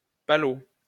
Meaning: 1. sand spade 2. French kiss (especially as rouler un palot)
- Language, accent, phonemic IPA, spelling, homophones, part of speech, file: French, France, /pa.lo/, palot, pâlot, noun, LL-Q150 (fra)-palot.wav